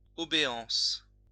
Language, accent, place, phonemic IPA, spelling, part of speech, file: French, France, Lyon, /ɔ.be.ɑ̃s/, obéance, noun, LL-Q150 (fra)-obéance.wav
- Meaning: Part of the revenue of the cathedral in Lyon